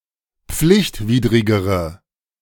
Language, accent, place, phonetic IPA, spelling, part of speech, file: German, Germany, Berlin, [ˈp͡flɪçtˌviːdʁɪɡəʁə], pflichtwidrigere, adjective, De-pflichtwidrigere.ogg
- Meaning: inflection of pflichtwidrig: 1. strong/mixed nominative/accusative feminine singular comparative degree 2. strong nominative/accusative plural comparative degree